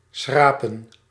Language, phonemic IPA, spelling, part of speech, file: Dutch, /ˈsxraː.pə(n)/, schrapen, verb, Nl-schrapen.ogg
- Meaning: 1. to scrape 2. to rake